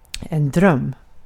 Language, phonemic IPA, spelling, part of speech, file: Swedish, /drœmː/, dröm, noun, Sv-dröm.ogg
- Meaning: 1. a dream (imaginary events seen in the mind while sleeping) 2. a dream (hope or wish) 3. a dream (something very nice) 4. a type of cookie made with hartshorn salt